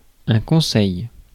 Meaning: 1. piece of advice 2. council
- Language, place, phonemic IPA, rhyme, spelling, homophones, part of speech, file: French, Paris, /kɔ̃.sɛj/, -ɛj, conseil, conseils, noun, Fr-conseil.ogg